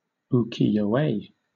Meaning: A Japanese painting or woodblock print depicting everyday life
- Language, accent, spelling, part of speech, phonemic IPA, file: English, Southern England, ukiyo-e, noun, /uːˌkiːjəʊˈeɪ/, LL-Q1860 (eng)-ukiyo-e.wav